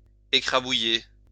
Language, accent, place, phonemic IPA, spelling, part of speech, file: French, France, Lyon, /e.kʁa.bu.je/, écrabouiller, verb, LL-Q150 (fra)-écrabouiller.wav
- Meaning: to squash, crush